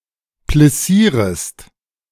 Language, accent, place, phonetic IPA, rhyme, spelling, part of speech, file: German, Germany, Berlin, [plɪˈsiːʁəst], -iːʁəst, plissierest, verb, De-plissierest.ogg
- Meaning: second-person singular subjunctive I of plissieren